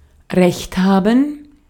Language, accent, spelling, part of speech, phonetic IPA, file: German, Austria, recht haben, verb, [ˈʁɛçt ˌhaːbn̩], De-at-recht haben.ogg
- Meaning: alternative letter-case form of Recht haben